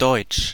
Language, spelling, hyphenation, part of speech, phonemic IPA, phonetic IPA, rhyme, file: German, Deutsch, Deutsch, proper noun, /dɔʏ̯t͡ʃ/, [dɔɪ̯t͡ʃ], -ɔɪ̯t͡ʃ, De-Deutsch.ogg
- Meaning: German (primary language of Germany and several surrounding countries)